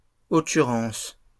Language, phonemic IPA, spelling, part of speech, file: French, /ɔ.ky.ʁɑ̃s/, occurrence, noun, LL-Q150 (fra)-occurrence.wav
- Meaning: occurrence